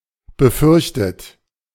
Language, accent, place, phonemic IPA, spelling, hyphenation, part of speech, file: German, Germany, Berlin, /bəˈfʏʁçtət/, befürchtet, be‧fürch‧tet, verb / adjective, De-befürchtet.ogg
- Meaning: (verb) past participle of befürchten; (adjective) feared, fearfully expected as a negative (unfortunate) possibility